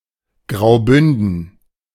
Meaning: Grisons (a canton of Switzerland)
- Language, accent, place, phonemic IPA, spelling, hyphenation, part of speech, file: German, Germany, Berlin, /ɡʁaʊ̯ˈbʏndən/, Graubünden, Grau‧bün‧den, proper noun, De-Graubünden.ogg